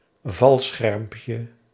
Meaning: diminutive of valscherm
- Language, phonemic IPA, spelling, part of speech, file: Dutch, /ˈvɑlsxɛrᵊmpjə/, valschermpje, noun, Nl-valschermpje.ogg